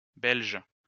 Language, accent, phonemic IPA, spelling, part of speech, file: French, France, /bɛlʒ/, belges, adjective, LL-Q150 (fra)-belges.wav
- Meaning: plural of belge